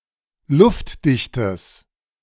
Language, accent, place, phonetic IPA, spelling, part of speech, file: German, Germany, Berlin, [ˈlʊftˌdɪçtəs], luftdichtes, adjective, De-luftdichtes.ogg
- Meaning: strong/mixed nominative/accusative neuter singular of luftdicht